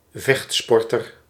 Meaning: martial artist, fighter
- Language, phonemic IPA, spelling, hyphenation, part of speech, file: Dutch, /ˈvɛxtˌspɔr.tər/, vechtsporter, vecht‧spor‧ter, noun, Nl-vechtsporter.ogg